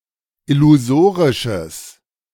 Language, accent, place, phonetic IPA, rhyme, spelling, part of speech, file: German, Germany, Berlin, [ɪluˈzoːʁɪʃəs], -oːʁɪʃəs, illusorisches, adjective, De-illusorisches.ogg
- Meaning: strong/mixed nominative/accusative neuter singular of illusorisch